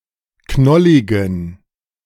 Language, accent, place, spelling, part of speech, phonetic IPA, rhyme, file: German, Germany, Berlin, knolligen, adjective, [ˈknɔlɪɡn̩], -ɔlɪɡn̩, De-knolligen.ogg
- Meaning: inflection of knollig: 1. strong genitive masculine/neuter singular 2. weak/mixed genitive/dative all-gender singular 3. strong/weak/mixed accusative masculine singular 4. strong dative plural